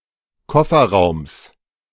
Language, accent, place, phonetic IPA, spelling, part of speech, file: German, Germany, Berlin, [ˈkɔfɐˌʁaʊ̯ms], Kofferraums, noun, De-Kofferraums.ogg
- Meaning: genitive singular of Kofferraum